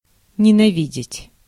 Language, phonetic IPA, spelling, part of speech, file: Russian, [nʲɪnɐˈvʲidʲɪtʲ], ненавидеть, verb, Ru-ненавидеть.ogg
- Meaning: to hate (strong)